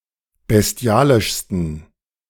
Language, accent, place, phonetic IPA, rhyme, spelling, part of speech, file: German, Germany, Berlin, [bɛsˈti̯aːlɪʃstn̩], -aːlɪʃstn̩, bestialischsten, adjective, De-bestialischsten.ogg
- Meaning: 1. superlative degree of bestialisch 2. inflection of bestialisch: strong genitive masculine/neuter singular superlative degree